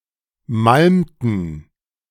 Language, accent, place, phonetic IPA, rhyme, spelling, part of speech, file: German, Germany, Berlin, [ˈmalmtn̩], -almtn̩, malmten, verb, De-malmten.ogg
- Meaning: inflection of malmen: 1. first/third-person plural preterite 2. first/third-person plural subjunctive II